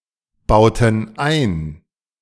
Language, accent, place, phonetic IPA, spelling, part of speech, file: German, Germany, Berlin, [ˌbaʊ̯tn̩ ˈaɪ̯n], bauten ein, verb, De-bauten ein.ogg
- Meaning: inflection of einbauen: 1. first/third-person plural preterite 2. first/third-person plural subjunctive II